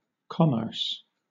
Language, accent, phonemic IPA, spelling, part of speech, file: English, Southern England, /ˈkɒ.mɜːs/, commerce, verb, LL-Q1860 (eng)-commerce.wav
- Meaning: 1. To carry on trade; to traffic 2. To hold conversation; to communicate